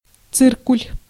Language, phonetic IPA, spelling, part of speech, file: Russian, [ˈt͡sɨrkʊlʲ], циркуль, noun, Ru-циркуль.ogg
- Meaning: pair of compasses